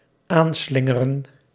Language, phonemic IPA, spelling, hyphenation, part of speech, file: Dutch, /ˈaːnˌslɪ.ŋə.rə(n)/, aanslingeren, aan‧slin‧ge‧ren, verb, Nl-aanslingeren.ogg
- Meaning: 1. to crank up, to wind up 2. to begin, to raise 3. to zigzag near, to approach while following a meandering trajectory 4. to sling to, to fling to